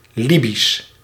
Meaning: Libyan (of or pertaining to Libya or its people)
- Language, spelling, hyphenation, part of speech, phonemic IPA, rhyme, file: Dutch, Libisch, Li‧bisch, adjective, /ˈli.bis/, -is, Nl-Libisch.ogg